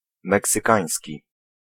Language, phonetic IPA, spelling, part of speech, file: Polish, [ˌmɛksɨˈkãj̃sʲci], meksykański, adjective, Pl-meksykański.ogg